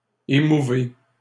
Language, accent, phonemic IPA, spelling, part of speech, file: French, Canada, /e.mu.ve/, émouvez, verb, LL-Q150 (fra)-émouvez.wav
- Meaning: inflection of émouvoir: 1. second-person plural present indicative 2. second-person plural imperative